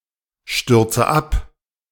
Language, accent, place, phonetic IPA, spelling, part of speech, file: German, Germany, Berlin, [ˌʃtʏʁt͡sə ˈap], stürze ab, verb, De-stürze ab.ogg
- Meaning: inflection of abstürzen: 1. first-person singular present 2. first/third-person singular subjunctive I 3. singular imperative